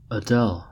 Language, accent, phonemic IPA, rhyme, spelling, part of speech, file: English, US, /əˈdɛl/, -ɛl, Adele, proper noun, En-us-Adele.ogg
- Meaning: A female given name from the Germanic languages